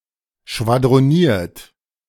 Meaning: 1. past participle of schwadronieren 2. inflection of schwadronieren: second-person plural present 3. inflection of schwadronieren: third-person singular present
- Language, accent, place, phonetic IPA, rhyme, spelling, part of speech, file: German, Germany, Berlin, [ʃvadʁoˈniːɐ̯t], -iːɐ̯t, schwadroniert, verb, De-schwadroniert.ogg